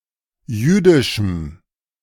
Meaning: strong dative masculine/neuter singular of jüdisch
- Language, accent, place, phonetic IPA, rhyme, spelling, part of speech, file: German, Germany, Berlin, [ˈjyːdɪʃm̩], -yːdɪʃm̩, jüdischem, adjective, De-jüdischem.ogg